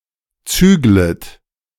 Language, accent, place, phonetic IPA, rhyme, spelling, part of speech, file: German, Germany, Berlin, [ˈt͡syːɡlət], -yːɡlət, züglet, verb, De-züglet.ogg
- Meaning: second-person plural subjunctive I of zügeln